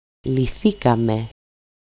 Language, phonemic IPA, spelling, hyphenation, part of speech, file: Greek, /liˈθikame/, λυθήκαμε, λυ‧θή‧κα‧με, verb, El-λυθήκαμε.ogg
- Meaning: first-person plural simple past passive indicative of λύνω (lýno)